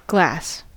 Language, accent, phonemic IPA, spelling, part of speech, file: English, General American, /ɡlæs/, glass, noun / verb, En-us-glass.ogg
- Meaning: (noun) An amorphous solid, often transparent substance, usually made by melting silica sand with various additives (for most purposes, a mixture of soda, potash and lime is added)